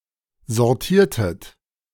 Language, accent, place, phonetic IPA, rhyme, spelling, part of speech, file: German, Germany, Berlin, [zɔʁˈtiːɐ̯tət], -iːɐ̯tət, sortiertet, verb, De-sortiertet.ogg
- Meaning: inflection of sortieren: 1. second-person plural preterite 2. second-person plural subjunctive II